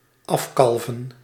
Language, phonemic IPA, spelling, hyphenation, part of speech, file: Dutch, /ˈɑfkɑlvə(n)/, afkalven, af‧kal‧ven, verb, Nl-afkalven.ogg
- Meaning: to cave in or calve off, to crumble off, to erode